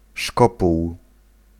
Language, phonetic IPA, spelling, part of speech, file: Polish, [ˈʃkɔpuw], szkopuł, noun, Pl-szkopuł.ogg